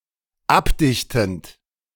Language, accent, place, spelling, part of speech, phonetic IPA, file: German, Germany, Berlin, abdichtend, verb, [ˈapˌdɪçtn̩t], De-abdichtend.ogg
- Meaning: present participle of abdichten